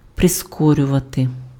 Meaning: to accelerate, to speed up, to hasten, to quicken (cause to go faster)
- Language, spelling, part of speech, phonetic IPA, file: Ukrainian, прискорювати, verb, [preˈskɔrʲʊʋɐte], Uk-прискорювати.ogg